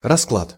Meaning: 1. spread, layout, deal 2. state of affairs/things, the lie of the land, the lay of the land, ball game
- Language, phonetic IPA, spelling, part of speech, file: Russian, [rɐˈskɫat], расклад, noun, Ru-расклад.ogg